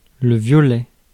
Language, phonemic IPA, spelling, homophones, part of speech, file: French, /vjɔ.lɛ/, violet, violais / violait / violaient, noun / adjective, Fr-violet.ogg
- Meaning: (noun) 1. purple (colour) 2. mushroom with a violet cap, such as a webcap or cortinar; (adjective) purple